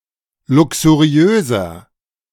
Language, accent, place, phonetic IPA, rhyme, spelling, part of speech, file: German, Germany, Berlin, [ˌlʊksuˈʁi̯øːzɐ], -øːzɐ, luxuriöser, adjective, De-luxuriöser.ogg
- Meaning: 1. comparative degree of luxuriös 2. inflection of luxuriös: strong/mixed nominative masculine singular 3. inflection of luxuriös: strong genitive/dative feminine singular